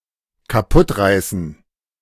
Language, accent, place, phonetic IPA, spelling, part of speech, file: German, Germany, Berlin, [kaˈpʊtˌʁaɪ̯sn̩], kaputtreißen, verb, De-kaputtreißen.ogg
- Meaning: to break by tearing